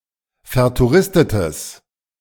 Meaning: strong/mixed nominative/accusative neuter singular of vertouristet
- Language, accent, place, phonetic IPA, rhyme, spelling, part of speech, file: German, Germany, Berlin, [fɛɐ̯tuˈʁɪstətəs], -ɪstətəs, vertouristetes, adjective, De-vertouristetes.ogg